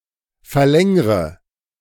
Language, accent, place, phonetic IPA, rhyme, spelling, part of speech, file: German, Germany, Berlin, [fɛɐ̯ˈlɛŋʁə], -ɛŋʁə, verlängre, verb, De-verlängre.ogg
- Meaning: inflection of verlängern: 1. first-person singular present 2. first/third-person singular subjunctive I 3. singular imperative